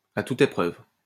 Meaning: bulletproof; rock solid (extremely resistant)
- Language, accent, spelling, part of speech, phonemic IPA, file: French, France, à toute épreuve, adjective, /a tu.t‿e.pʁœv/, LL-Q150 (fra)-à toute épreuve.wav